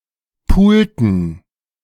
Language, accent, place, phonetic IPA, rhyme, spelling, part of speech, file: German, Germany, Berlin, [ˈpuːltn̩], -uːltn̩, pulten, verb, De-pulten.ogg
- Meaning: inflection of pulen: 1. first/third-person plural preterite 2. first/third-person plural subjunctive II